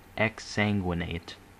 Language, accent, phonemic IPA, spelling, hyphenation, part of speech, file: English, General American, /ɪkˈsæŋɡwəˌneɪt/, exsanguinate, ex‧sang‧uin‧ate, verb, En-us-exsanguinate.ogg
- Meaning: 1. To drain (a living or dead body, or (medicine, surgery) a body part) of blood 2. To kill (a person or animal) by means of blood loss 3. To bleed profusely; also, to die by means of blood loss